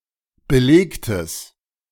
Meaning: strong/mixed nominative/accusative neuter singular of belegt
- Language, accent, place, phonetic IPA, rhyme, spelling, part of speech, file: German, Germany, Berlin, [bəˈleːktəs], -eːktəs, belegtes, adjective, De-belegtes.ogg